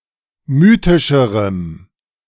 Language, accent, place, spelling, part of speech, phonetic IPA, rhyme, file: German, Germany, Berlin, mythischerem, adjective, [ˈmyːtɪʃəʁəm], -yːtɪʃəʁəm, De-mythischerem.ogg
- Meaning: strong dative masculine/neuter singular comparative degree of mythisch